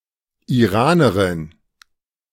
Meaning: Iranian (female person from Iran or of Iranian descent)
- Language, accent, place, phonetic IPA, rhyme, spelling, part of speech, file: German, Germany, Berlin, [iˈʁaːnəʁɪn], -aːnəʁɪn, Iranerin, noun, De-Iranerin.ogg